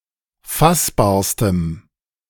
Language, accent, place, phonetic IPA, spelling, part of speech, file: German, Germany, Berlin, [ˈfasbaːɐ̯stəm], fassbarstem, adjective, De-fassbarstem.ogg
- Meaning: strong dative masculine/neuter singular superlative degree of fassbar